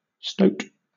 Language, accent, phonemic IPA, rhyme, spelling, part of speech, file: English, Southern England, /ˈstəʊt/, -əʊt, stoat, noun / verb, LL-Q1860 (eng)-stoat.wav